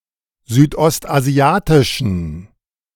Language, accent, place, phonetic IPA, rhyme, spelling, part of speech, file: German, Germany, Berlin, [zyːtʔɔstʔaˈzi̯aːtɪʃn̩], -aːtɪʃn̩, südostasiatischen, adjective, De-südostasiatischen.ogg
- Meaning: inflection of südostasiatisch: 1. strong genitive masculine/neuter singular 2. weak/mixed genitive/dative all-gender singular 3. strong/weak/mixed accusative masculine singular 4. strong dative plural